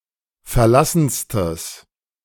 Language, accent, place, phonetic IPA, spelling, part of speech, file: German, Germany, Berlin, [fɛɐ̯ˈlasn̩stəs], verlassenstes, adjective, De-verlassenstes.ogg
- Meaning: strong/mixed nominative/accusative neuter singular superlative degree of verlassen